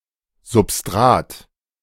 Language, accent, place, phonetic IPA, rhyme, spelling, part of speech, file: German, Germany, Berlin, [zʊpˈstʁaːt], -aːt, Substrat, noun, De-Substrat.ogg
- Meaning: 1. substrate 2. soil 3. substratum